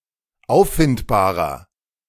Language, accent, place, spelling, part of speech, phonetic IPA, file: German, Germany, Berlin, auffindbarer, adjective, [ˈaʊ̯ffɪntbaːʁɐ], De-auffindbarer.ogg
- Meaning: inflection of auffindbar: 1. strong/mixed nominative masculine singular 2. strong genitive/dative feminine singular 3. strong genitive plural